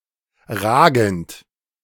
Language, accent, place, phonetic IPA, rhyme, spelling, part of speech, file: German, Germany, Berlin, [ˈʁaːɡn̩t], -aːɡn̩t, ragend, verb, De-ragend.ogg
- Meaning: present participle of ragen